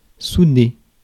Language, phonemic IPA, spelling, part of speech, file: French, /su.de/, souder, verb, Fr-souder.ogg
- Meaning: to solder